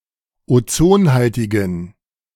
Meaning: inflection of ozonhaltig: 1. strong genitive masculine/neuter singular 2. weak/mixed genitive/dative all-gender singular 3. strong/weak/mixed accusative masculine singular 4. strong dative plural
- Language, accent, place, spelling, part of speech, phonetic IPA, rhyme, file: German, Germany, Berlin, ozonhaltigen, adjective, [oˈt͡soːnˌhaltɪɡn̩], -oːnhaltɪɡn̩, De-ozonhaltigen.ogg